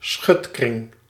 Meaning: cordon sanitaire
- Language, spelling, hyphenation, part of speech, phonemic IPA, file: Dutch, schutkring, schut‧kring, noun, /ˈsxʏt.krɪŋ/, Nl-schutkring.ogg